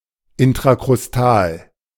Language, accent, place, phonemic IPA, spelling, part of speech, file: German, Germany, Berlin, /ɪntʁakʁʊsˈtaːl/, intrakrustal, adjective, De-intrakrustal.ogg
- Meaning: intracrustal